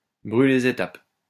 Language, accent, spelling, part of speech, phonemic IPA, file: French, France, brûler les étapes, verb, /bʁy.le le.z‿e.tap/, LL-Q150 (fra)-brûler les étapes.wav
- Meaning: to jump the gun, to cut corners, to go too fast, to get ahead of oneself